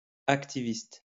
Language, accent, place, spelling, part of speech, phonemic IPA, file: French, France, Lyon, hacktiviste, noun, /ak.ti.vist/, LL-Q150 (fra)-hacktiviste.wav
- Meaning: hacktivist